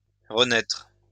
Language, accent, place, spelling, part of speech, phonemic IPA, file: French, France, Lyon, renaitre, verb, /ʁə.nɛtʁ/, LL-Q150 (fra)-renaitre.wav
- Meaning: post-1990 spelling of renaître